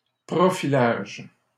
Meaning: profiling
- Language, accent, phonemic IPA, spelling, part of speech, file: French, Canada, /pʁɔ.fi.laʒ/, profilage, noun, LL-Q150 (fra)-profilage.wav